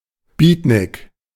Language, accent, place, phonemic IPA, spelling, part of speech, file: German, Germany, Berlin, /ˈbiːtnɪk/, Beatnik, noun, De-Beatnik.ogg
- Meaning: beatnik